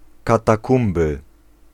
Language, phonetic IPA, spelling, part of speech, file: Polish, [ˌkataˈkũmbɨ], katakumby, noun, Pl-katakumby.ogg